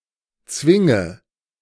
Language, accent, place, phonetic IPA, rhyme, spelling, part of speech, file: German, Germany, Berlin, [ˈt͡svɪŋə], -ɪŋə, zwinge, verb, De-zwinge.ogg
- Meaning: inflection of zwingen: 1. first-person singular present 2. first/third-person singular subjunctive I 3. singular imperative